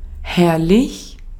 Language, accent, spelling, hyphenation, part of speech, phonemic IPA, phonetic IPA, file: German, Austria, herrlich, herr‧lich, adjective, /ˈhɛʁlɪç/, [ˈhɛɐ̯lɪç], De-at-herrlich.ogg
- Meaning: fantastic; marvelous; wonderful; splendid; glorious; lovely